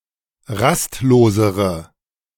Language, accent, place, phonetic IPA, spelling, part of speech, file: German, Germany, Berlin, [ˈʁastˌloːzəʁə], rastlosere, adjective, De-rastlosere.ogg
- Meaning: inflection of rastlos: 1. strong/mixed nominative/accusative feminine singular comparative degree 2. strong nominative/accusative plural comparative degree